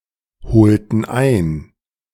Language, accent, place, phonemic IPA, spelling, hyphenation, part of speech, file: German, Germany, Berlin, /bəˈt͡saɪ̯ɡn̩/, bezeigen, be‧zei‧gen, verb, De-bezeigen.ogg
- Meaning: to show, express (e.g. respect, empathy, loyalty, etc.)